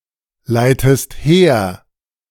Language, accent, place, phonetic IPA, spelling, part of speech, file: German, Germany, Berlin, [ˌlaɪ̯təst ˈheːɐ̯], leitest her, verb, De-leitest her.ogg
- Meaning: inflection of herleiten: 1. second-person singular present 2. second-person singular subjunctive I